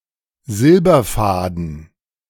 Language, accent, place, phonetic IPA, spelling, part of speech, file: German, Germany, Berlin, [ˈzɪlbɐˌfaːdn̩], Silberfaden, noun, De-Silberfaden.ogg
- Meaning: silver thread